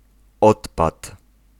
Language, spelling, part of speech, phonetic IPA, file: Polish, odpad, noun, [ˈɔtpat], Pl-odpad.ogg